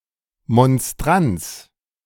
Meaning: monstrance
- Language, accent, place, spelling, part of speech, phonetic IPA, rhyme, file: German, Germany, Berlin, Monstranz, noun, [mɔnˈstʁant͡s], -ant͡s, De-Monstranz.ogg